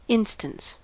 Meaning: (noun) 1. Urgency of manner or words; an urgent request; insistence 2. A token; a sign; a symptom or indication 3. That which is urgent; motive 4. A piece of evidence; a proof or sign (of something)
- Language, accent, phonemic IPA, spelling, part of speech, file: English, US, /ˈɪnstəns/, instance, noun / verb, En-us-instance.ogg